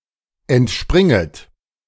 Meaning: second-person plural subjunctive I of entspringen
- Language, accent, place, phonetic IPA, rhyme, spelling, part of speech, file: German, Germany, Berlin, [ɛntˈʃpʁɪŋət], -ɪŋət, entspringet, verb, De-entspringet.ogg